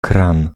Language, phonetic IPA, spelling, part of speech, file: Polish, [krãn], kran, noun, Pl-kran.ogg